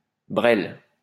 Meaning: stupid or incompetent person; imbecile
- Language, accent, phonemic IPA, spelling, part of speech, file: French, France, /bʁɛl/, brêle, noun, LL-Q150 (fra)-brêle.wav